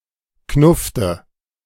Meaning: inflection of knuffen: 1. first/third-person singular preterite 2. first/third-person singular subjunctive II
- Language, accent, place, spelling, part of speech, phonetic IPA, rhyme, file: German, Germany, Berlin, knuffte, verb, [ˈknʊftə], -ʊftə, De-knuffte.ogg